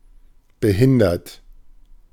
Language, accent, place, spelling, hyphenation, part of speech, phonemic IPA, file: German, Germany, Berlin, behindert, be‧hin‧dert, verb / adjective / adverb, /bəˈhɪndɐt/, De-behindert.ogg
- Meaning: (verb) past participle of behindern; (adjective) 1. disabled; handicapped 2. retarded; stupid, dumb 3. retarded; bad; messed up; uncool, general derogative; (adverb) very, extremely, an intensifier